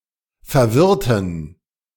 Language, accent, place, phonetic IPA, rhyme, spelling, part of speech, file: German, Germany, Berlin, [fɛɐ̯ˈvɪʁtn̩], -ɪʁtn̩, verwirrten, adjective, De-verwirrten.ogg
- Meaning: inflection of verwirren: 1. first/third-person plural preterite 2. first/third-person plural subjunctive II